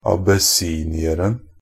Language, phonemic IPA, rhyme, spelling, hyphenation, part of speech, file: Norwegian Bokmål, /abəˈsiːnɪərn̩/, -ərn̩, abessinieren, ab‧es‧si‧ni‧er‧en, noun, NB - Pronunciation of Norwegian Bokmål «abessinieren».ogg
- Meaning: definite singular of abessinier